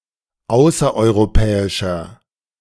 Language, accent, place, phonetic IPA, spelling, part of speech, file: German, Germany, Berlin, [ˈaʊ̯sɐʔɔɪ̯ʁoˌpɛːɪʃɐ], außereuropäischer, adjective, De-außereuropäischer.ogg
- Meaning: inflection of außereuropäisch: 1. strong/mixed nominative masculine singular 2. strong genitive/dative feminine singular 3. strong genitive plural